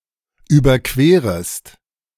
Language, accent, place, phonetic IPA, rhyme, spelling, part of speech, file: German, Germany, Berlin, [ˌyːbɐˈkveːʁəst], -eːʁəst, überquerest, verb, De-überquerest.ogg
- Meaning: second-person singular subjunctive I of überqueren